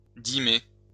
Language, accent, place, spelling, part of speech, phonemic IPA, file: French, France, Lyon, dîmer, verb, /di.me/, LL-Q150 (fra)-dîmer.wav
- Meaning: to tithe, to levy tithes